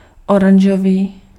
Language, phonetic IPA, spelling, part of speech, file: Czech, [ˈoranʒoviː], oranžový, adjective, Cs-oranžový.ogg
- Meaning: orange (having an orange color)